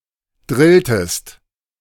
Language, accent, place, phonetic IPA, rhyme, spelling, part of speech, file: German, Germany, Berlin, [ˈdʁɪltəst], -ɪltəst, drilltest, verb, De-drilltest.ogg
- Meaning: inflection of drillen: 1. second-person singular preterite 2. second-person singular subjunctive II